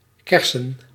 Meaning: plural of kers
- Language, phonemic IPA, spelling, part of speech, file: Dutch, /ˈkɛrsə(n)/, kersen, noun / adjective, Nl-kersen.ogg